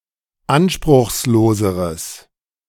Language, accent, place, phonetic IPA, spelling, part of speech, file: German, Germany, Berlin, [ˈanʃpʁʊxsˌloːzəʁəs], anspruchsloseres, adjective, De-anspruchsloseres.ogg
- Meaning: strong/mixed nominative/accusative neuter singular comparative degree of anspruchslos